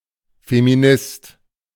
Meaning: feminist
- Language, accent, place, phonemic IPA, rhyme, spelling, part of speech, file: German, Germany, Berlin, /femiˈnɪst/, -ɪst, Feminist, noun, De-Feminist.ogg